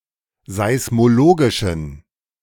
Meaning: inflection of seismologisch: 1. strong genitive masculine/neuter singular 2. weak/mixed genitive/dative all-gender singular 3. strong/weak/mixed accusative masculine singular 4. strong dative plural
- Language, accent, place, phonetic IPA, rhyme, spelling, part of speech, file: German, Germany, Berlin, [zaɪ̯smoˈloːɡɪʃn̩], -oːɡɪʃn̩, seismologischen, adjective, De-seismologischen.ogg